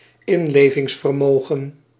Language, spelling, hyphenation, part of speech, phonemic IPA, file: Dutch, inlevingsvermogen, in‧le‧vings‧ver‧mo‧gen, noun, /ˈɪn.leː.vɪŋs.fərˌmoː.ɣə(n)/, Nl-inlevingsvermogen.ogg
- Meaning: empathy